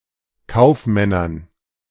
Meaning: dative plural of Kaufmann
- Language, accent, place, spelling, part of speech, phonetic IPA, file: German, Germany, Berlin, Kaufmännern, noun, [ˈkaʊ̯fˌmɛnɐn], De-Kaufmännern.ogg